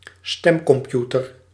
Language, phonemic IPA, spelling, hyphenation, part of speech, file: Dutch, /ˈstɛm.kɔmˌpju.tər/, stemcomputer, stem‧com‧pu‧ter, noun, Nl-stemcomputer.ogg
- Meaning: voting computer